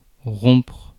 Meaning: 1. to break, to snap 2. to stop, to block, to interrupt 3. to break up (with someone) 4. to break
- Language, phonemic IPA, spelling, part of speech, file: French, /ʁɔ̃pʁ/, rompre, verb, Fr-rompre.ogg